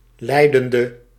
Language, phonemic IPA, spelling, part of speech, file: Dutch, /ˈlɛidəndə/, leidende, adjective / verb, Nl-leidende.ogg
- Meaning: inflection of leidend: 1. masculine/feminine singular attributive 2. definite neuter singular attributive 3. plural attributive